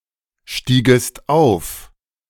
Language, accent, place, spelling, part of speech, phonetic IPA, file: German, Germany, Berlin, stiegest auf, verb, [ˌʃtiːɡəst ˈaʊ̯f], De-stiegest auf.ogg
- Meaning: second-person singular subjunctive II of aufsteigen